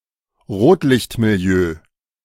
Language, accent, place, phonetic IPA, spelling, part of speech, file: German, Germany, Berlin, [ˈʁoːtlɪçtmiˌli̯øː], Rotlichtmilieu, noun, De-Rotlichtmilieu.ogg
- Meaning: Social environment of prostitution and related persons, such as prostitutes and pimps